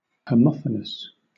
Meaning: 1. Having the same pronunciation 2. Homophonic; sounding the same
- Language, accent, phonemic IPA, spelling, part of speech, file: English, Southern England, /həˈmɒfənəs/, homophonous, adjective, LL-Q1860 (eng)-homophonous.wav